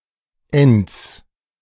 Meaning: -ence
- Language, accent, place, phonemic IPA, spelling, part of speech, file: German, Germany, Berlin, /-ˈɛnt͡s/, -enz, suffix, De--enz.ogg